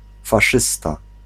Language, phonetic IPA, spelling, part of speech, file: Polish, [faˈʃɨsta], faszysta, noun, Pl-faszysta.ogg